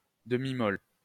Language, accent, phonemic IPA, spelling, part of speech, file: French, France, /də.mi.mɔl/, demi-molle, noun, LL-Q150 (fra)-demi-molle.wav
- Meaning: semi, semi-hard-on